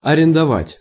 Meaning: to lease; to rent
- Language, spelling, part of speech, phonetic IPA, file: Russian, арендовать, verb, [ɐrʲɪndɐˈvatʲ], Ru-арендовать.ogg